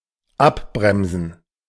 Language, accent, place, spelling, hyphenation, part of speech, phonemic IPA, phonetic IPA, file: German, Germany, Berlin, abbremsen, ab‧brem‧sen, verb, /ˈaˌbʁɛmzən/, [ˈʔaˌbʁɛmzn̩], De-abbremsen.ogg
- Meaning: to slow down, decelerate